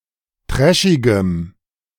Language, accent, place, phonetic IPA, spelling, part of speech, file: German, Germany, Berlin, [ˈtʁɛʃɪɡəm], trashigem, adjective, De-trashigem.ogg
- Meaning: strong dative masculine/neuter singular of trashig